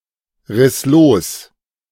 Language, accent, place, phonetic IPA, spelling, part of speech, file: German, Germany, Berlin, [ˌʁɪs ˈloːs], riss los, verb, De-riss los.ogg
- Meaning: first/third-person singular preterite of losreißen